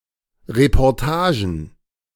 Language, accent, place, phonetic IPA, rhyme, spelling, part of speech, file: German, Germany, Berlin, [ʁepɔʁˈtaːʒn̩], -aːʒn̩, Reportagen, noun, De-Reportagen.ogg
- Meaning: plural of Reportage